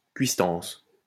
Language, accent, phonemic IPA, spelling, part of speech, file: French, France, /kɥis.tɑ̃s/, cuistance, noun, LL-Q150 (fra)-cuistance.wav
- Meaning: grub, nosh